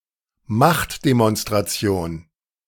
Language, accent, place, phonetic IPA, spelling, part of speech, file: German, Germany, Berlin, [ˈmaχtdemɔnstʁaˌt͡si̯oːn], Machtdemonstration, noun, De-Machtdemonstration.ogg
- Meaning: show of force